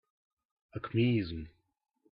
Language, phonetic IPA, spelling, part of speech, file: Russian, [ɐkmʲɪˈizm], акмеизм, noun, Ru-акмеизм.ogg
- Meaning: Acmeism